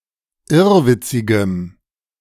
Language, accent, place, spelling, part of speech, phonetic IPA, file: German, Germany, Berlin, irrwitzigem, adjective, [ˈɪʁvɪt͡sɪɡəm], De-irrwitzigem.ogg
- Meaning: strong dative masculine/neuter singular of irrwitzig